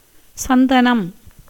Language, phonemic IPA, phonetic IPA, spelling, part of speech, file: Tamil, /tʃɐnd̪ɐnɐm/, [sɐn̪d̪ɐnɐm], சந்தனம், noun, Ta-சந்தனம்.ogg
- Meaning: 1. sandalwood, a tree of the genus Santalum 2. the aromatic heartwood or paste of these trees